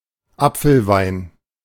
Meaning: cider, apple cider
- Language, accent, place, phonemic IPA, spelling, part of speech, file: German, Germany, Berlin, /ˈʔapfəlˌvaɪ̯n/, Apfelwein, noun, De-Apfelwein.ogg